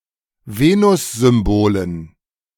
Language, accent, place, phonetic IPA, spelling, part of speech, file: German, Germany, Berlin, [ˈveːnʊszʏmˌboːlən], Venussymbolen, noun, De-Venussymbolen.ogg
- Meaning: dative plural of Venussymbol